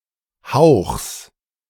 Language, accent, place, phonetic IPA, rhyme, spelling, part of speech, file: German, Germany, Berlin, [haʊ̯xs], -aʊ̯xs, Hauchs, noun, De-Hauchs.ogg
- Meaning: genitive singular of Hauch